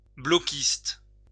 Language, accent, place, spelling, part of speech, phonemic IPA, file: French, France, Lyon, bloquiste, noun / adjective, /blɔ.kist/, LL-Q150 (fra)-bloquiste.wav
- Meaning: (noun) a member of the Bloc Québécois, a Bloquiste; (adjective) of the Bloc Québécois, Bloquiste